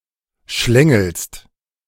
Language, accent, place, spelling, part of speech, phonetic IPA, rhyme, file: German, Germany, Berlin, schlängelst, verb, [ˈʃlɛŋl̩st], -ɛŋl̩st, De-schlängelst.ogg
- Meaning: second-person singular present of schlängeln